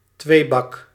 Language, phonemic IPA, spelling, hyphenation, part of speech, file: Dutch, /ˈtʋeː.bɑk/, tweebak, twee‧bak, noun, Nl-tweebak.ogg
- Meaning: zwieback, rusk